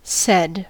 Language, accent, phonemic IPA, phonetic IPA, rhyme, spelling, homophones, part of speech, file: English, US, /sɛd/, [sɛd̥], -ɛd, said, sed, verb / adjective / determiner, En-us-said.ogg
- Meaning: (verb) simple past and past participle of say; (adjective) Mentioned earlier; aforesaid